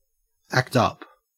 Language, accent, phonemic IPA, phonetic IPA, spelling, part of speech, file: English, Australia, /ækt ˈap/, [ækˈtäp], act up, verb, En-au-act up.ogg
- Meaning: 1. To misbehave; to cause trouble 2. To perform the duties of an appointment senior to that actually held; to deputise for a superior